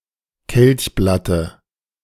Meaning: dative singular of Kelchblatt
- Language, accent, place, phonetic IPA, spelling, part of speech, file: German, Germany, Berlin, [ˈkɛlçˌblatə], Kelchblatte, noun, De-Kelchblatte.ogg